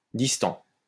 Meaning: 1. distant 2. aloof
- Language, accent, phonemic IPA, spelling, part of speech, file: French, France, /dis.tɑ̃/, distant, adjective, LL-Q150 (fra)-distant.wav